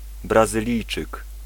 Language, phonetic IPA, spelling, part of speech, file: Polish, [ˌbrazɨˈlʲijt͡ʃɨk], Brazylijczyk, noun, Pl-Brazylijczyk.ogg